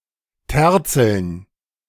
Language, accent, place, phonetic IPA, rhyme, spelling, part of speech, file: German, Germany, Berlin, [ˈtɛʁt͡sl̩n], -ɛʁt͡sl̩n, Terzeln, noun, De-Terzeln.ogg
- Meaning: dative plural of Terzel